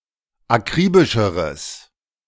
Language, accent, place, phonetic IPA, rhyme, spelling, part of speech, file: German, Germany, Berlin, [aˈkʁiːbɪʃəʁəs], -iːbɪʃəʁəs, akribischeres, adjective, De-akribischeres.ogg
- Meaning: strong/mixed nominative/accusative neuter singular comparative degree of akribisch